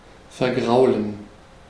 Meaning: 1. to put off, drive off, scare off (cause someone to lose interest, e.g. through unfriendliness) 2. to spoil something for someone (make them lose interest in)
- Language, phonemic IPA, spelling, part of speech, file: German, /ferˈɡraʊ̯lən/, vergraulen, verb, De-vergraulen.ogg